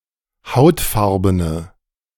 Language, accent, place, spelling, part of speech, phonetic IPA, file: German, Germany, Berlin, hautfarbene, adjective, [ˈhaʊ̯tˌfaʁbənə], De-hautfarbene.ogg
- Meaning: inflection of hautfarben: 1. strong/mixed nominative/accusative feminine singular 2. strong nominative/accusative plural 3. weak nominative all-gender singular